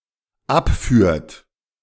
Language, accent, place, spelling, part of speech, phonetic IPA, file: German, Germany, Berlin, abführt, verb, [ˈapˌfyːɐ̯t], De-abführt.ogg
- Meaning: inflection of abführen: 1. third-person singular present 2. second-person plural present